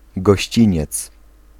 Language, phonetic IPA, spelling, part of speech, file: Polish, [ɡɔɕˈt͡ɕĩɲɛt͡s], gościniec, noun, Pl-gościniec.ogg